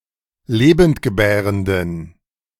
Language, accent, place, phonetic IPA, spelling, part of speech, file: German, Germany, Berlin, [ˈleːbəntɡəˌbɛːʁəndən], lebendgebärenden, adjective, De-lebendgebärenden.ogg
- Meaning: inflection of lebendgebärend: 1. strong genitive masculine/neuter singular 2. weak/mixed genitive/dative all-gender singular 3. strong/weak/mixed accusative masculine singular 4. strong dative plural